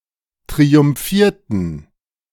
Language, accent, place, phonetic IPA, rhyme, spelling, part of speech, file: German, Germany, Berlin, [tʁiʊmˈfiːɐ̯tn̩], -iːɐ̯tn̩, triumphierten, verb, De-triumphierten.ogg
- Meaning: inflection of triumphieren: 1. first/third-person plural preterite 2. first/third-person plural subjunctive II